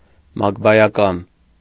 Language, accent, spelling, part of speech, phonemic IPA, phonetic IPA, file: Armenian, Eastern Armenian, մակբայական, adjective, /mɑkbɑjɑˈkɑn/, [mɑkbɑjɑkɑ́n], Hy-մակբայական.ogg
- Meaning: adverbial